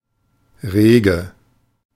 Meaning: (adjective) brisk, lively; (verb) form of regen
- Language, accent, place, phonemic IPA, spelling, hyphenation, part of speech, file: German, Germany, Berlin, /ˈʁeːɡə/, rege, re‧ge, adjective / verb, De-rege.ogg